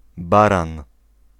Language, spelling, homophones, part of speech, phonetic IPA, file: Polish, Baran, baran, proper noun / noun, [ˈbarãn], Pl-Baran.ogg